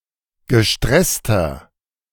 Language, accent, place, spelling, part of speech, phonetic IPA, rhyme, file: German, Germany, Berlin, gestresster, adjective, [ɡəˈʃtʁɛstɐ], -ɛstɐ, De-gestresster.ogg
- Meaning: 1. comparative degree of gestresst 2. inflection of gestresst: strong/mixed nominative masculine singular 3. inflection of gestresst: strong genitive/dative feminine singular